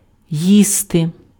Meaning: 1. to eat (consume) 2. to eat (consume a meal) 3. to eat; to eat away at (cause to worry)
- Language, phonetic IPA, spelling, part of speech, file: Ukrainian, [ˈjiste], їсти, verb, Uk-їсти.ogg